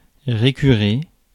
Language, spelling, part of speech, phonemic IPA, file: French, récurer, verb, /ʁe.ky.ʁe/, Fr-récurer.ogg
- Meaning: to scrub; to scour